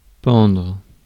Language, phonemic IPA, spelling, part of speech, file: French, /pɑ̃dʁ/, pendre, verb, Fr-pendre.ogg
- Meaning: 1. to hang 2. to sag, droop